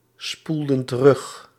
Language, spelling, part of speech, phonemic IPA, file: Dutch, spoelden terug, verb, /ˈspuldə(n) t(ə)ˈrʏx/, Nl-spoelden terug.ogg
- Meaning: inflection of terugspoelen: 1. plural past indicative 2. plural past subjunctive